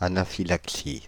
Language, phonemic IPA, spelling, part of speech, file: French, /a.na.fi.lak.si/, anaphylaxie, noun, Fr-anaphylaxie.ogg
- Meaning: anaphylaxis